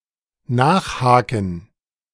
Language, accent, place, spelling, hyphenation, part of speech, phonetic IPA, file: German, Germany, Berlin, nachhaken, nach‧ha‧ken, verb, [ˈnaːχˌhaːkn̩], De-nachhaken.ogg
- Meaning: 1. to continue probing 2. to tackle